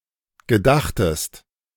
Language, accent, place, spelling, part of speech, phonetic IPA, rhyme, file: German, Germany, Berlin, gedachtest, verb, [ɡəˈdaxtəst], -axtəst, De-gedachtest.ogg
- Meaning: second-person singular preterite of gedenken